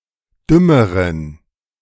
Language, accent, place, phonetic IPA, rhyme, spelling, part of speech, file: German, Germany, Berlin, [ˈdʏməʁən], -ʏməʁən, dümmeren, adjective, De-dümmeren.ogg
- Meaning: inflection of dumm: 1. strong genitive masculine/neuter singular comparative degree 2. weak/mixed genitive/dative all-gender singular comparative degree